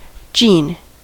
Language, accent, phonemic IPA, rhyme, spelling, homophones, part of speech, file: English, US, /d͡ʒiːn/, -iːn, gene, Gene / Jean, noun, En-us-gene.ogg
- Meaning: A theoretical unit of heredity of living organisms which may take several values and (in principle) predetermines a precise trait of an organism's form (phenotype), such as hair color